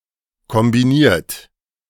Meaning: 1. past participle of kombinieren 2. inflection of kombinieren: third-person singular present 3. inflection of kombinieren: second-person plural present 4. inflection of kombinieren: plural imperative
- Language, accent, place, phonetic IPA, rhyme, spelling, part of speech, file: German, Germany, Berlin, [kɔmbiˈniːɐ̯t], -iːɐ̯t, kombiniert, verb, De-kombiniert.ogg